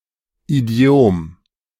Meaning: 1. idiom (a distinct manner of speaking peculiar to a group of people) 2. idiom (a specific language variety or speech register) 3. idiom (an idiomatic expression) 4. idiom
- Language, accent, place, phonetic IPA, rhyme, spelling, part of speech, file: German, Germany, Berlin, [iˈdi̯oːm], -oːm, Idiom, noun, De-Idiom.ogg